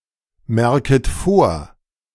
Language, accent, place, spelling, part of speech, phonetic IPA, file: German, Germany, Berlin, merket vor, verb, [ˌmɛʁkət ˈfoːɐ̯], De-merket vor.ogg
- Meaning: second-person plural subjunctive I of vormerken